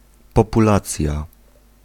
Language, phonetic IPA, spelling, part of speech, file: Polish, [ˌpɔpuˈlat͡sʲja], populacja, noun, Pl-populacja.ogg